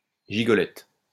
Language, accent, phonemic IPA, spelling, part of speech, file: French, France, /ʒi.ɡɔ.lɛt/, gigolette, noun, LL-Q150 (fra)-gigolette.wav
- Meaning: 1. shoulder of rabbit or thigh of poultry (when cooked) 2. young prostitute, or promiscuous young woman